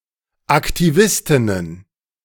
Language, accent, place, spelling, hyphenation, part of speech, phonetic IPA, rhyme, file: German, Germany, Berlin, Aktivistinnen, Ak‧ti‧vis‧tin‧nen, noun, [aktiˈvɪstɪnən], -ɪstɪnən, De-Aktivistinnen.ogg
- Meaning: plural of Aktivistin